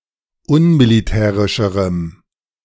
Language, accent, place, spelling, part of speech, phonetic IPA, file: German, Germany, Berlin, unmilitärischerem, adjective, [ˈʊnmiliˌtɛːʁɪʃəʁəm], De-unmilitärischerem.ogg
- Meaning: strong dative masculine/neuter singular comparative degree of unmilitärisch